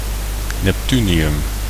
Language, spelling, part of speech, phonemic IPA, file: Dutch, neptunium, noun, /nɛpˈtyniˌjʏm/, Nl-neptunium.ogg
- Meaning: neptunium